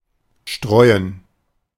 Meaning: 1. to strew, to scatter, to sprinkle 2. to spread
- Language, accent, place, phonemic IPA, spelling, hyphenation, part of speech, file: German, Germany, Berlin, /ˈʃtʁɔɪ̯ən/, streuen, streu‧en, verb, De-streuen.ogg